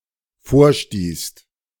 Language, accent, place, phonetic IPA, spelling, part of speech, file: German, Germany, Berlin, [ˈfoːɐ̯ˌʃtiːst], vorstießt, verb, De-vorstießt.ogg
- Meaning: second-person singular/plural dependent preterite of vorstoßen